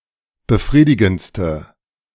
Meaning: inflection of befriedigend: 1. strong/mixed nominative/accusative feminine singular superlative degree 2. strong nominative/accusative plural superlative degree
- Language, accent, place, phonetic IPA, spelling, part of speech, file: German, Germany, Berlin, [bəˈfʁiːdɪɡn̩t͡stə], befriedigendste, adjective, De-befriedigendste.ogg